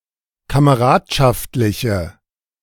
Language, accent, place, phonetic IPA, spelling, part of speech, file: German, Germany, Berlin, [kaməˈʁaːtʃaftlɪçə], kameradschaftliche, adjective, De-kameradschaftliche.ogg
- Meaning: inflection of kameradschaftlich: 1. strong/mixed nominative/accusative feminine singular 2. strong nominative/accusative plural 3. weak nominative all-gender singular